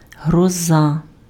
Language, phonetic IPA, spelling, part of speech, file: Ukrainian, [ɦrɔˈza], гроза, noun, Uk-гроза.ogg
- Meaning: 1. thunder, thunderstorm 2. disaster 3. danger, menace 4. terror